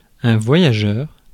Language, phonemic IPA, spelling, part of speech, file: French, /vwa.ja.ʒœʁ/, voyageur, noun / adjective, Fr-voyageur.ogg
- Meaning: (noun) traveller; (adjective) nomadic, wandering